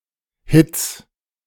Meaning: 1. plural of Hit 2. genitive of Hit
- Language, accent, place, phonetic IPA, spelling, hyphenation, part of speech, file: German, Germany, Berlin, [hɪts], Hits, Hits, noun, De-Hits.ogg